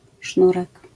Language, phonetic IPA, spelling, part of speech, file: Polish, [ˈʃnurɛk], sznurek, noun, LL-Q809 (pol)-sznurek.wav